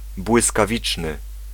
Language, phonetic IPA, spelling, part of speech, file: Polish, [ˌbwɨskaˈvʲit͡ʃnɨ], błyskawiczny, adjective, Pl-błyskawiczny.ogg